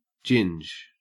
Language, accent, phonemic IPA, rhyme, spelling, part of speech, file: English, Australia, /d͡ʒɪnd͡ʒ/, -ɪndʒ, ginge, adjective / noun, En-au-ginge.ogg
- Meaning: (adjective) ginger, red-haired; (noun) A red-haired person